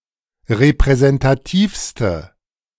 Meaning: inflection of repräsentativ: 1. strong/mixed nominative/accusative feminine singular superlative degree 2. strong nominative/accusative plural superlative degree
- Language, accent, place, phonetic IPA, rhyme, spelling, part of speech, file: German, Germany, Berlin, [ʁepʁɛzɛntaˈtiːfstə], -iːfstə, repräsentativste, adjective, De-repräsentativste.ogg